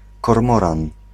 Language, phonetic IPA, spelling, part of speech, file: Polish, [kɔrˈmɔrãn], kormoran, noun, Pl-kormoran.ogg